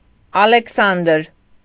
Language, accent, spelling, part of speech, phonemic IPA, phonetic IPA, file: Armenian, Eastern Armenian, Ալեքսանդր, proper noun, /ɑlekʰˈsɑndəɾ/, [ɑlekʰsɑ́ndəɾ], Hy-Ալեքսանդր.ogg
- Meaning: 1. a male given name, Aleksandr, from Ancient Greek 2. a transliteration of the Ancient Greek male given name Ἀλέξανδρος (Aléxandros), Alexander